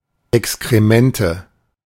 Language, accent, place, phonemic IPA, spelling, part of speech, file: German, Germany, Berlin, /ʔɛkskʁeˈmɛntə/, Exkremente, noun, De-Exkremente.ogg
- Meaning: nominative/accusative/genitive plural of Exkrement